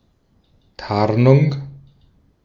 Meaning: camouflage
- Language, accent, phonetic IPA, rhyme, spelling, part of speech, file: German, Austria, [ˈtaʁnʊŋ], -aʁnʊŋ, Tarnung, noun, De-at-Tarnung.ogg